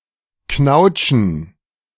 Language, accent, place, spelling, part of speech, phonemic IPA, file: German, Germany, Berlin, knautschen, verb, /ˈknaʊ̯tʃən/, De-knautschen.ogg
- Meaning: to squeeze; to crumple